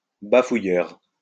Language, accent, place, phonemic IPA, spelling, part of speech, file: French, France, Lyon, /ba.fu.jœʁ/, bafouilleur, noun, LL-Q150 (fra)-bafouilleur.wav
- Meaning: babbler, stammerer